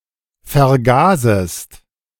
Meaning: second-person singular subjunctive I of vergasen
- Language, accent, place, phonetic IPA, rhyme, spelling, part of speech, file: German, Germany, Berlin, [fɛɐ̯ˈɡaːzəst], -aːzəst, vergasest, verb, De-vergasest.ogg